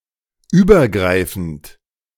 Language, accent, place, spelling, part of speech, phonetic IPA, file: German, Germany, Berlin, übergreifend, adjective / verb, [ˈyːbɐˌɡʁaɪ̯fn̩t], De-übergreifend.ogg
- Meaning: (verb) present participle of übergreifen; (adjective) overarching, comprehensive